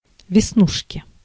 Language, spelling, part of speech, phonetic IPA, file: Russian, веснушки, noun, [vʲɪsˈnuʂkʲɪ], Ru-веснушки.ogg
- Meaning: inflection of весну́шка (vesnúška): 1. genitive singular 2. nominative/accusative plural